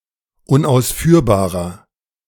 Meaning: 1. comparative degree of unausführbar 2. inflection of unausführbar: strong/mixed nominative masculine singular 3. inflection of unausführbar: strong genitive/dative feminine singular
- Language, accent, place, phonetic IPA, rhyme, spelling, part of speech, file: German, Germany, Berlin, [ʊnʔaʊ̯sˈfyːɐ̯baːʁɐ], -yːɐ̯baːʁɐ, unausführbarer, adjective, De-unausführbarer.ogg